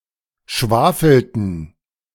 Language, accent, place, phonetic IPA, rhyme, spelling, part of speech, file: German, Germany, Berlin, [ˈʃvaːfl̩tn̩], -aːfl̩tn̩, schwafelten, verb, De-schwafelten.ogg
- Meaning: inflection of schwafeln: 1. first/third-person plural preterite 2. first/third-person plural subjunctive II